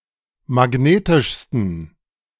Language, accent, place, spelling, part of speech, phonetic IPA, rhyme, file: German, Germany, Berlin, magnetischsten, adjective, [maˈɡneːtɪʃstn̩], -eːtɪʃstn̩, De-magnetischsten.ogg
- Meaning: 1. superlative degree of magnetisch 2. inflection of magnetisch: strong genitive masculine/neuter singular superlative degree